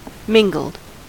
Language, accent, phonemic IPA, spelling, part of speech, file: English, US, /ˈmɪŋɡl̩d/, mingled, verb, En-us-mingled.ogg
- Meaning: simple past and past participle of mingle